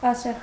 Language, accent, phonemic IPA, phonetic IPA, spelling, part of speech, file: Armenian, Eastern Armenian, /ɑˈseʁ/, [ɑséʁ], ասեղ, noun, Hy-ասեղ.ogg
- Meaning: needle